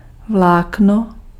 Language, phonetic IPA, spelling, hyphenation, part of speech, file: Czech, [ˈvlaːkno], vlákno, vlák‧no, noun, Cs-vlákno.ogg
- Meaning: 1. thread 2. filament (of a light bulb) 3. fibre